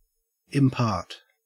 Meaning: 1. To give or bestow (e.g. a quality or property) 2. To give a part or to share 3. To make known; to show (by speech, writing etc.) 4. To hold a conference or consultation
- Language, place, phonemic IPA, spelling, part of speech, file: English, Queensland, /ɪmˈpaːt/, impart, verb, En-au-impart.ogg